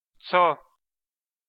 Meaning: the name of the Armenian letter ց (cʻ)
- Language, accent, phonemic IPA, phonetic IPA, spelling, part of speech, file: Armenian, Eastern Armenian, /t͡sʰo/, [t͡sʰo], ցո, noun, Hy-ցո.ogg